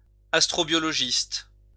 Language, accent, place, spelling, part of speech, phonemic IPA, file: French, France, Lyon, astrobiologiste, noun, /as.tʁɔ.bjɔ.lɔ.ʒist/, LL-Q150 (fra)-astrobiologiste.wav
- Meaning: astrobiologist